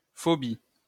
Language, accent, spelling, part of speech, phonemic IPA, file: French, France, -phobie, suffix, /fɔ.bi/, LL-Q150 (fra)--phobie.wav
- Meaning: -phobia